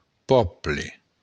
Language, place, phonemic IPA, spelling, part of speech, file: Occitan, Béarn, /ˈpɔ.ble/, pòble, noun, LL-Q14185 (oci)-pòble.wav
- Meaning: a people (persons forming or belonging to a particular group, such as a nation, class, ethnic group, country, family, etc; folk; a community)